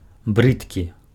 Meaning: ugly
- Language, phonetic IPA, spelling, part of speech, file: Belarusian, [ˈbrɨtkʲi], брыдкі, adjective, Be-брыдкі.ogg